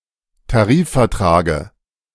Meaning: dative of Tarifvertrag
- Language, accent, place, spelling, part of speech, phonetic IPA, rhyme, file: German, Germany, Berlin, Tarifvertrage, noun, [taˈʁiːffɛɐ̯ˌtʁaːɡə], -iːffɛɐ̯tʁaːɡə, De-Tarifvertrage.ogg